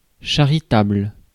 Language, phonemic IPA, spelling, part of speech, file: French, /ʃa.ʁi.tabl/, charitable, adjective, Fr-charitable.ogg
- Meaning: charitable